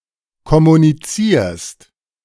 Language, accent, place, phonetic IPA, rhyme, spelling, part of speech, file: German, Germany, Berlin, [kɔmuniˈt͡siːɐ̯st], -iːɐ̯st, kommunizierst, verb, De-kommunizierst.ogg
- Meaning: second-person singular present of kommunizieren